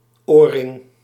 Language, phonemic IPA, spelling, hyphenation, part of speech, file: Dutch, /ˈoːr.rɪŋ/, oorring, oor‧ring, noun, Nl-oorring.ogg
- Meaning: ring-shaped earring